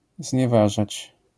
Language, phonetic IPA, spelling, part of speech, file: Polish, [zʲɲɛˈvaʒat͡ɕ], znieważać, verb, LL-Q809 (pol)-znieważać.wav